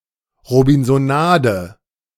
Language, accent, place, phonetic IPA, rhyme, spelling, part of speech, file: German, Germany, Berlin, [ʁobɪnzoˈnaːdə], -aːdə, Robinsonade, noun, De-Robinsonade.ogg
- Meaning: robinsonade